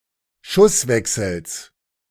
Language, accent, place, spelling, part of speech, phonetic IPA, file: German, Germany, Berlin, Schusswechsels, noun, [ˈʃʊsˌvɛksl̩s], De-Schusswechsels.ogg
- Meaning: genitive singular of Schusswechsel